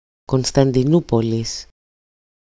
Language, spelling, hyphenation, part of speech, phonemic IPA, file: Greek, Κωνσταντινούπολις, Κων‧στα‧ντι‧νού‧πο‧λις, proper noun, /kon.stan.diˈnu.po.lis/, EL-Κωνσταντινούπολις.ogg
- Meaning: Katharevousa form of Κωνσταντινούπολη (Konstantinoúpoli)